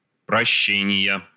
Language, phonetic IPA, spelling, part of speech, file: Russian, [prɐˈɕːenʲɪjə], прощения, noun, Ru-прощения.ogg
- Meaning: 1. inflection of проще́ние (proščénije) 2. inflection of проще́ние (proščénije): genitive singular 3. inflection of проще́ние (proščénije): nominative/accusative plural